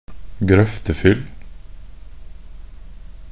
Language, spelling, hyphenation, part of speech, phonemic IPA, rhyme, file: Norwegian Bokmål, grøftefyll, grøf‧te‧fyll, noun, /ɡrœftəfʏl/, -ʏl, Nb-grøftefyll.ogg
- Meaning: drinking outdoors (in lack of a better place to be)